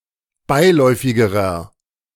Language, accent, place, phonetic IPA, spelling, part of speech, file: German, Germany, Berlin, [ˈbaɪ̯ˌlɔɪ̯fɪɡəʁɐ], beiläufigerer, adjective, De-beiläufigerer.ogg
- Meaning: inflection of beiläufig: 1. strong/mixed nominative masculine singular comparative degree 2. strong genitive/dative feminine singular comparative degree 3. strong genitive plural comparative degree